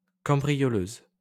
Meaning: female equivalent of cambrioleur
- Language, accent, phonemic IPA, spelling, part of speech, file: French, France, /kɑ̃.bʁi.jɔ.løz/, cambrioleuse, noun, LL-Q150 (fra)-cambrioleuse.wav